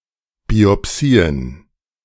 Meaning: plural of Biopsie
- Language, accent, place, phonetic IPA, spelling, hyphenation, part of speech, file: German, Germany, Berlin, [ˌbiɔˈpsiːən], Biopsien, Bi‧op‧si‧en, noun, De-Biopsien.ogg